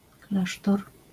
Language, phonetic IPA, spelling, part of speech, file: Polish, [ˈklaʃtɔr], klasztor, noun, LL-Q809 (pol)-klasztor.wav